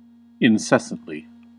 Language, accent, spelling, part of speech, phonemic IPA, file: English, US, incessantly, adverb, /ɪnˈsɛs.ənt.li/, En-us-incessantly.ogg
- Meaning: 1. In a manner without pause or stop, especially to the point of annoyance; not ceasing 2. Immediately